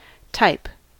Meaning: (noun) 1. A grouping based on shared characteristics; a class 2. An individual considered typical of its class, one regarded as typifying a certain profession, environment, etc
- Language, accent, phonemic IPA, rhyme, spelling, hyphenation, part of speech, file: English, US, /taɪp/, -aɪp, type, type, noun / verb / adverb, En-us-type.ogg